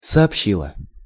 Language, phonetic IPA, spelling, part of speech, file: Russian, [sɐɐpˈɕːiɫə], сообщила, verb, Ru-сообщила.ogg
- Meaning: feminine singular past indicative perfective of сообщи́ть (soobščítʹ)